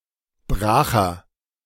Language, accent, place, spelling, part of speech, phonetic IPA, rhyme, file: German, Germany, Berlin, bracher, adjective, [ˈbʁaːxɐ], -aːxɐ, De-bracher.ogg
- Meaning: inflection of brach: 1. strong/mixed nominative masculine singular 2. strong genitive/dative feminine singular 3. strong genitive plural